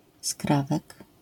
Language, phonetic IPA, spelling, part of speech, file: Polish, [ˈskravɛk], skrawek, noun, LL-Q809 (pol)-skrawek.wav